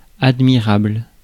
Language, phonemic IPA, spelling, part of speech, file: French, /ad.mi.ʁabl/, admirable, adjective, Fr-admirable.ogg
- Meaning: admirable